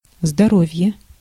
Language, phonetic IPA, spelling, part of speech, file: Russian, [zdɐˈrov⁽ʲ⁾je], здоровье, noun, Ru-здоровье.ogg
- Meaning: health